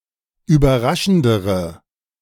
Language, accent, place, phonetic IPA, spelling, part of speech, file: German, Germany, Berlin, [yːbɐˈʁaʃn̩dəʁə], überraschendere, adjective, De-überraschendere.ogg
- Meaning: inflection of überraschend: 1. strong/mixed nominative/accusative feminine singular comparative degree 2. strong nominative/accusative plural comparative degree